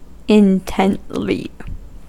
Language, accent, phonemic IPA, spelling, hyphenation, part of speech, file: English, US, /ɪnˈtɛntli/, intently, in‧tent‧ly, adverb, En-us-intently.ogg
- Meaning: In an intent or focused manner